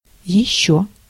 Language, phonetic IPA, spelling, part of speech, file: Russian, [(j)ɪˈɕːɵ], ещё, adverb, Ru-ещё.ogg
- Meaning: 1. yet, more 2. else 3. still 4. even (used with comparatives or to express frustration)